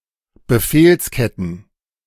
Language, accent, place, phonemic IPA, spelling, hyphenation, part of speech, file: German, Germany, Berlin, /bəˈfeːlsˌkɛtn̩/, Befehlsketten, Be‧fehls‧ket‧ten, noun, De-Befehlsketten.ogg
- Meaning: plural of Befehlskette